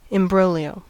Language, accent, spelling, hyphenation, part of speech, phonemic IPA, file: English, General American, imbroglio, im‧bro‧glio, noun, /ɪmˈbɹoʊljoʊ/, En-us-imbroglio.ogg
- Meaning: A complicated situation; an entanglement